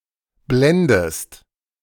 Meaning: inflection of blenden: 1. second-person singular present 2. second-person singular subjunctive I
- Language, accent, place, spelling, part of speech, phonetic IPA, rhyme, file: German, Germany, Berlin, blendest, verb, [ˈblɛndəst], -ɛndəst, De-blendest.ogg